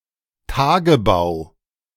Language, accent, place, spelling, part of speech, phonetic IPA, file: German, Germany, Berlin, Tagebau, noun, [ˈtaːɡəˌbaʊ̯], De-Tagebau.ogg
- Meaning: 1. open-pit mining, opencast mining 2. open-pit mine